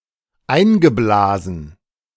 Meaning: past participle of einblasen - blown (in or into), insufflated
- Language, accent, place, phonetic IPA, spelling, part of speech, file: German, Germany, Berlin, [ˈaɪ̯nɡəˌblaːzn̩], eingeblasen, verb, De-eingeblasen.ogg